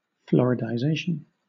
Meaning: 1. The process of coming to resemble the US state of Florida in some respect 2. The phenomenon of the percentage of seniors in a specific region progressively increasing as the population ages
- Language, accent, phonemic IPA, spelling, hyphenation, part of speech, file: English, Southern England, /ˌflɒɹɪdaɪˈzeɪʃ(ə)n/, Floridization, Flo‧rid‧i‧za‧tion, noun, LL-Q1860 (eng)-Floridization.wav